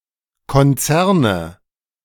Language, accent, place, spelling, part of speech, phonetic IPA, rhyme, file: German, Germany, Berlin, Konzerne, noun, [kɔnˈt͡sɛʁnə], -ɛʁnə, De-Konzerne.ogg
- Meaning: nominative/accusative/genitive plural of Konzern